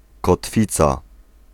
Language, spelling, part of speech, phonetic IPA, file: Polish, kotwica, noun, [kɔtˈfʲit͡sa], Pl-kotwica.ogg